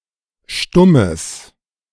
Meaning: strong/mixed nominative/accusative neuter singular of stumm
- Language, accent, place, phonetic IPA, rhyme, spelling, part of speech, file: German, Germany, Berlin, [ˈʃtʊməs], -ʊməs, stummes, adjective, De-stummes.ogg